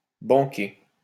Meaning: 1. to fork out 2. to pay the bill
- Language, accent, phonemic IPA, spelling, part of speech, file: French, France, /bɑ̃.ke/, banquer, verb, LL-Q150 (fra)-banquer.wav